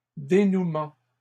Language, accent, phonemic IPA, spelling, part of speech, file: French, Canada, /de.nu.mɑ̃/, dénouements, noun, LL-Q150 (fra)-dénouements.wav
- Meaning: plural of dénouement